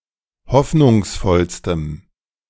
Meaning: strong dative masculine/neuter singular superlative degree of hoffnungsvoll
- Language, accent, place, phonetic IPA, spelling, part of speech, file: German, Germany, Berlin, [ˈhɔfnʊŋsˌfɔlstəm], hoffnungsvollstem, adjective, De-hoffnungsvollstem.ogg